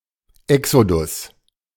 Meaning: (noun) exodus (sudden departure); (proper noun) Exodus (second book of the Bible, following Genesis)
- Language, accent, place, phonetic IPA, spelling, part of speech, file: German, Germany, Berlin, [ˈɛksodʊs], Exodus, noun, De-Exodus.ogg